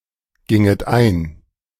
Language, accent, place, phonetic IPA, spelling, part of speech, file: German, Germany, Berlin, [ˌɡɪŋət ˈaɪ̯n], ginget ein, verb, De-ginget ein.ogg
- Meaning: second-person plural subjunctive II of eingehen